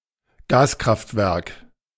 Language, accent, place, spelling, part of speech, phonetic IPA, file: German, Germany, Berlin, Gaskraftwerk, noun, [ˈɡaːskʁaftˌvɛʁk], De-Gaskraftwerk.ogg
- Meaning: gas-fired power station